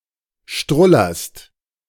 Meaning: second-person singular present of strullern
- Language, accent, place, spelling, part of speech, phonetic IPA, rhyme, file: German, Germany, Berlin, strullerst, verb, [ˈʃtʁʊlɐst], -ʊlɐst, De-strullerst.ogg